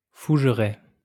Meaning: fernbrake, stand of ferns
- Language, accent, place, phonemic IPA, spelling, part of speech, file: French, France, Lyon, /fuʒ.ʁɛ/, fougeraie, noun, LL-Q150 (fra)-fougeraie.wav